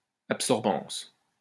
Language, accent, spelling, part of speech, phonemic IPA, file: French, France, absorbance, noun, /ap.sɔʁ.bɑ̃s/, LL-Q150 (fra)-absorbance.wav
- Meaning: the fact of being absorbent